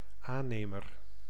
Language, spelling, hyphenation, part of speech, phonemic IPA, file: Dutch, aannemer, aan‧ne‧mer, noun, /ˈaːˌneːmər/, Nl-aannemer.ogg
- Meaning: contractor (construction contractor)